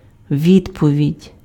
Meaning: answer, reply, response
- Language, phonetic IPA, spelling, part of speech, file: Ukrainian, [ˈʋʲidpɔʋʲidʲ], відповідь, noun, Uk-відповідь.ogg